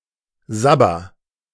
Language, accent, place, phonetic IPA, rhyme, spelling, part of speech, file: German, Germany, Berlin, [ˈzabɐ], -abɐ, sabber, verb, De-sabber.ogg
- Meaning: inflection of sabbern: 1. first-person singular present 2. singular imperative